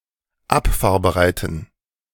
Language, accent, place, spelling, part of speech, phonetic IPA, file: German, Germany, Berlin, abfahrbereiten, adjective, [ˈapfaːɐ̯bəˌʁaɪ̯tn̩], De-abfahrbereiten.ogg
- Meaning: inflection of abfahrbereit: 1. strong genitive masculine/neuter singular 2. weak/mixed genitive/dative all-gender singular 3. strong/weak/mixed accusative masculine singular 4. strong dative plural